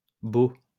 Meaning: 1. plural of bau 2. plural of bail
- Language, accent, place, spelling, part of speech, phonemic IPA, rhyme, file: French, France, Lyon, baux, noun, /bo/, -o, LL-Q150 (fra)-baux.wav